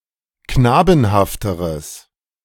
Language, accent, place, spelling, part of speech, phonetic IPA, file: German, Germany, Berlin, knabenhafteres, adjective, [ˈknaːbn̩haftəʁəs], De-knabenhafteres.ogg
- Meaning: strong/mixed nominative/accusative neuter singular comparative degree of knabenhaft